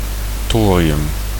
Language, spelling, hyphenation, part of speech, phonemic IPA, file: Dutch, thorium, tho‧ri‧um, noun, /ˈtoː.riˌʏm/, Nl-thorium.ogg
- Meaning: thorium